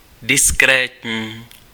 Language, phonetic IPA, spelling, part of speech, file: Czech, [ˈdɪskrɛːtɲiː], diskrétní, adjective, Cs-diskrétní.ogg
- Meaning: 1. discreet 2. discrete